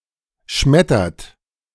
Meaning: inflection of schmettern: 1. third-person singular present 2. second-person plural present 3. plural imperative
- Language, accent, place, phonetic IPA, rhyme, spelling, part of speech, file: German, Germany, Berlin, [ˈʃmɛtɐt], -ɛtɐt, schmettert, verb, De-schmettert.ogg